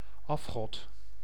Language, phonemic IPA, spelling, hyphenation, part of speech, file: Dutch, /ˈɑf.xɔt/, afgod, af‧god, noun, Nl-afgod.ogg
- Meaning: idol; false deity